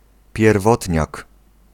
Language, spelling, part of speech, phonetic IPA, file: Polish, pierwotniak, noun, [pʲjɛrˈvɔtʲɲak], Pl-pierwotniak.ogg